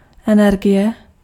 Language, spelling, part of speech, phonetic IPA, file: Czech, energie, noun, [ˈɛnɛrɡɪjɛ], Cs-energie.ogg
- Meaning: energy